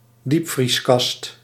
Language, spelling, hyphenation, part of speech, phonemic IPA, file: Dutch, diepvrieskast, diep‧vries‧kast, noun, /ˈdip.frisˌkɑst/, Nl-diepvrieskast.ogg
- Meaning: a freezer